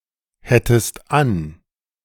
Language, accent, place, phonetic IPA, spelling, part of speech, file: German, Germany, Berlin, [ˌhɛtəst ˈan], hättest an, verb, De-hättest an.ogg
- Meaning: second-person singular subjunctive II of anhaben